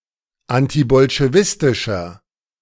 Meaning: inflection of antibolschewistisch: 1. strong/mixed nominative masculine singular 2. strong genitive/dative feminine singular 3. strong genitive plural
- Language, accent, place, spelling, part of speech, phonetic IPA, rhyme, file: German, Germany, Berlin, antibolschewistischer, adjective, [ˌantibɔlʃeˈvɪstɪʃɐ], -ɪstɪʃɐ, De-antibolschewistischer.ogg